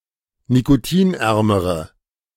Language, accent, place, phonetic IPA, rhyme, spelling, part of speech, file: German, Germany, Berlin, [nikoˈtiːnˌʔɛʁməʁə], -iːnʔɛʁməʁə, nikotinärmere, adjective, De-nikotinärmere.ogg
- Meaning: inflection of nikotinarm: 1. strong/mixed nominative/accusative feminine singular comparative degree 2. strong nominative/accusative plural comparative degree